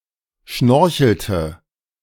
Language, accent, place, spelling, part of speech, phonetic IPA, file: German, Germany, Berlin, schnorchelte, verb, [ˈʃnɔʁçl̩tə], De-schnorchelte.ogg
- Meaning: inflection of schnorcheln: 1. first/third-person singular preterite 2. first/third-person singular subjunctive II